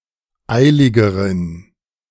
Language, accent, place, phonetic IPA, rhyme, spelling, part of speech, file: German, Germany, Berlin, [ˈaɪ̯lɪɡəʁən], -aɪ̯lɪɡəʁən, eiligeren, adjective, De-eiligeren.ogg
- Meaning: inflection of eilig: 1. strong genitive masculine/neuter singular comparative degree 2. weak/mixed genitive/dative all-gender singular comparative degree